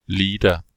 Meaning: leather
- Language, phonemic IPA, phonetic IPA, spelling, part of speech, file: German, /ˈleːdər/, [ˈleːdɐ], Leder, noun, De-Leder.ogg